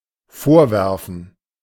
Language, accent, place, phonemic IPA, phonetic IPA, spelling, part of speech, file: German, Germany, Berlin, /ˈfoːʁˌvɛʁfən/, [ˈfoːɐ̯ˌvɛɐ̯fn̩], vorwerfen, verb, De-vorwerfen.ogg
- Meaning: 1. to throw at, throw forward 2. to throw at, throw forward: to feed to (throw at an animal as food) 3. to accuse of, to reproach someone for something